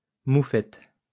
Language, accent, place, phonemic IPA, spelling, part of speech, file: French, France, Lyon, /mu.fɛt/, moufette, noun, LL-Q150 (fra)-moufette.wav
- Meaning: skunk